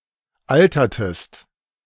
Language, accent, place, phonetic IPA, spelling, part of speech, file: German, Germany, Berlin, [ˈaltɐtəst], altertest, verb, De-altertest.ogg
- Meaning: inflection of altern: 1. second-person singular preterite 2. second-person singular subjunctive II